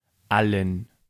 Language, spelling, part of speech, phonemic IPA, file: German, allen, pronoun, /ˈalən/, De-allen.ogg
- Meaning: 1. accusative singular masculine of alles (“all”) 2. dative plural of alles (“all”) 3. Genitive singular masculine and neutral gender forms of alles ("all") for strong Substantives